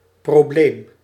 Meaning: problem
- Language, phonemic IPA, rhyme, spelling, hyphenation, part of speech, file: Dutch, /ˌproːˈbleːm/, -eːm, probleem, pro‧bleem, noun, Nl-probleem.ogg